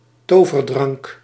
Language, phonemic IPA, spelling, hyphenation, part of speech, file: Dutch, /ˈtoː.vərˌdrɑŋk/, toverdrank, to‧ver‧drank, noun, Nl-toverdrank.ogg
- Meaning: 1. a magical potion 2. a miracle cure